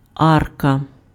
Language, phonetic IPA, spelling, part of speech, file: Ukrainian, [ˈarkɐ], арка, noun, Uk-арка.ogg
- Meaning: arch, archway